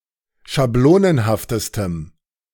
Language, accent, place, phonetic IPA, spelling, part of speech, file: German, Germany, Berlin, [ʃaˈbloːnənhaftəstəm], schablonenhaftestem, adjective, De-schablonenhaftestem.ogg
- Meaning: strong dative masculine/neuter singular superlative degree of schablonenhaft